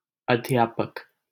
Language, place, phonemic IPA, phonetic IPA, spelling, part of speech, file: Hindi, Delhi, /əd̪ʱ.jɑː.pək/, [ɐd̪ʱ.jäː.pɐk], अध्यापक, noun, LL-Q1568 (hin)-अध्यापक.wav
- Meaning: teacher